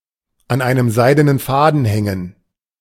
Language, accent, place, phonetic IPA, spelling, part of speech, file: German, Germany, Berlin, [an ˌaɪ̯nəm ˈzaɪ̯dənən ˈfaːdn̩ ˌhɛŋən], an einem seidenen Faden hängen, phrase, De-an einem seidenen Faden hängen.ogg
- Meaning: to hang by a thread